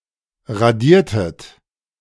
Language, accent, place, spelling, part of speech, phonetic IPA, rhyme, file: German, Germany, Berlin, radiertet, verb, [ʁaˈdiːɐ̯tət], -iːɐ̯tət, De-radiertet.ogg
- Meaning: inflection of radieren: 1. second-person plural preterite 2. second-person plural subjunctive II